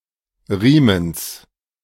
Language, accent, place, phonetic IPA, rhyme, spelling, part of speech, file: German, Germany, Berlin, [ˈʁiːməns], -iːməns, Riemens, noun, De-Riemens.ogg
- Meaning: genitive singular of Riemen